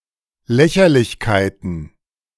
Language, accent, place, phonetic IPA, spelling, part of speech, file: German, Germany, Berlin, [ˈlɛçɐlɪçkaɪ̯tn̩], Lächerlichkeiten, noun, De-Lächerlichkeiten.ogg
- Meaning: plural of Lächerlichkeit